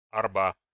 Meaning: araba (a horse- or bullock-drawn cart with two large wheels)
- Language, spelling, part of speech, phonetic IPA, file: Russian, арба, noun, [ɐrˈba], Ru-арба.ogg